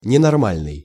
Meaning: 1. abnormal (not conforming to rule or system) 2. not in one's right mind, crazy
- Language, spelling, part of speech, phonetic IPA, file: Russian, ненормальный, adjective, [nʲɪnɐrˈmalʲnɨj], Ru-ненормальный.ogg